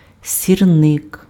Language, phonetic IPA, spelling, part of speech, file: Ukrainian, [sʲirˈnɪk], сірник, noun, Uk-сірник.ogg
- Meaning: match (a device to make fire)